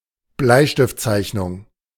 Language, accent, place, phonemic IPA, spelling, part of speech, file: German, Germany, Berlin, /ˈblaɪ̯ʃtɪftˌt͡saɪ̯çnʊŋ/, Bleistiftzeichnung, noun, De-Bleistiftzeichnung.ogg
- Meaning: pencil drawing